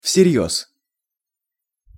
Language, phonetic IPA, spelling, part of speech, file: Russian, [fsʲɪˈrʲjɵs], всерьёз, adverb, Ru-всерьёз.ogg
- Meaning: in earnest, seriously